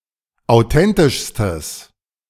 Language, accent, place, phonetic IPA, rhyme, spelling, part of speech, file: German, Germany, Berlin, [aʊ̯ˈtɛntɪʃstəs], -ɛntɪʃstəs, authentischstes, adjective, De-authentischstes.ogg
- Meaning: strong/mixed nominative/accusative neuter singular superlative degree of authentisch